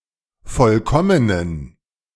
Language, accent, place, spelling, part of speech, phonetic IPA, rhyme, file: German, Germany, Berlin, vollkommenen, adjective, [ˈfɔlkɔmənən], -ɔmənən, De-vollkommenen.ogg
- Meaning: inflection of vollkommen: 1. strong genitive masculine/neuter singular 2. weak/mixed genitive/dative all-gender singular 3. strong/weak/mixed accusative masculine singular 4. strong dative plural